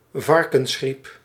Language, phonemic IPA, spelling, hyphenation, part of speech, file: Dutch, /ˈvɑr.kə(n)sˌxrip/, varkensgriep, var‧kens‧griep, noun, Nl-varkensgriep.ogg
- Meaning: swine flu (disease caused by certain orthomyxoviruses of the influenza virus types A or C)